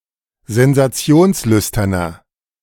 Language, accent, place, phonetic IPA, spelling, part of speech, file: German, Germany, Berlin, [zɛnzaˈt͡si̯oːnsˌlʏstɐnɐ], sensationslüsterner, adjective, De-sensationslüsterner.ogg
- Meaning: 1. comparative degree of sensationslüstern 2. inflection of sensationslüstern: strong/mixed nominative masculine singular 3. inflection of sensationslüstern: strong genitive/dative feminine singular